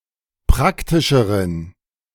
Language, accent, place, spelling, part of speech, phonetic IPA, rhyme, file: German, Germany, Berlin, praktischeren, adjective, [ˈpʁaktɪʃəʁən], -aktɪʃəʁən, De-praktischeren.ogg
- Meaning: inflection of praktisch: 1. strong genitive masculine/neuter singular comparative degree 2. weak/mixed genitive/dative all-gender singular comparative degree